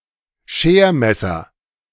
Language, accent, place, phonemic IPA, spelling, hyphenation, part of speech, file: German, Germany, Berlin, /ˈʃeːɐ̯ˌmɛsɐ/, Schermesser, Scher‧mes‧ser, noun, De-Schermesser.ogg
- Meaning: razor